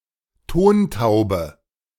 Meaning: clay pigeon
- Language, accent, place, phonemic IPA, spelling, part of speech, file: German, Germany, Berlin, /ˈtoːnˌtaʊ̯bə/, Tontaube, noun, De-Tontaube.ogg